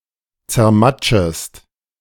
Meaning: second-person singular subjunctive I of zermatschen
- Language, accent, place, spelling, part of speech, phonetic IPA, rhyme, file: German, Germany, Berlin, zermatschest, verb, [t͡sɛɐ̯ˈmat͡ʃəst], -at͡ʃəst, De-zermatschest.ogg